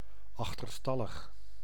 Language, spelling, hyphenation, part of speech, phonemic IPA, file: Dutch, achterstallig, ach‧ter‧stal‧lig, adjective, /ɑxtərˈstɑləx/, Nl-achterstallig.ogg
- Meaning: overdue